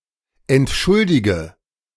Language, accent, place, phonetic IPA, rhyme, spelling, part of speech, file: German, Germany, Berlin, [ɛntˈʃʊldɪɡə], -ʊldɪɡə, entschuldige, verb, De-entschuldige.ogg
- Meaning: inflection of entschuldigen: 1. first-person singular present 2. singular imperative 3. first/third-person singular subjunctive I